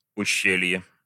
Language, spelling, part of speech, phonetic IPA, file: Russian, ущелье, noun, [ʊˈɕːelʲje], Ru-ущелье.ogg
- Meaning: gorge, ravine, canyon